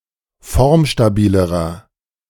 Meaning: inflection of formstabil: 1. strong/mixed nominative masculine singular comparative degree 2. strong genitive/dative feminine singular comparative degree 3. strong genitive plural comparative degree
- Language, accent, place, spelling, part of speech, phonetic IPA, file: German, Germany, Berlin, formstabilerer, adjective, [ˈfɔʁmʃtaˌbiːləʁɐ], De-formstabilerer.ogg